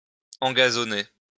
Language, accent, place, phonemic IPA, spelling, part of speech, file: French, France, Lyon, /ɑ̃.ɡa.zɔ.ne/, engazonner, verb, LL-Q150 (fra)-engazonner.wav
- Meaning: to turf